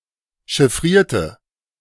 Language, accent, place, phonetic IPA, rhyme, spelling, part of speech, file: German, Germany, Berlin, [ʃɪˈfʁiːɐ̯tə], -iːɐ̯tə, chiffrierte, adjective / verb, De-chiffrierte.ogg
- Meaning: inflection of chiffrieren: 1. first/third-person singular preterite 2. first/third-person singular subjunctive II